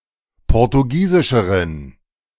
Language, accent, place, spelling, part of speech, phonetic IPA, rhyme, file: German, Germany, Berlin, portugiesischeren, adjective, [ˌpɔʁtuˈɡiːzɪʃəʁən], -iːzɪʃəʁən, De-portugiesischeren.ogg
- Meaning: inflection of portugiesisch: 1. strong genitive masculine/neuter singular comparative degree 2. weak/mixed genitive/dative all-gender singular comparative degree